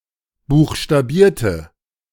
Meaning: inflection of buchstabieren: 1. first/third-person singular preterite 2. first/third-person singular subjunctive II
- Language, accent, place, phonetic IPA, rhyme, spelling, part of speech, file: German, Germany, Berlin, [ˌbuːxʃtaˈbiːɐ̯tə], -iːɐ̯tə, buchstabierte, adjective / verb, De-buchstabierte.ogg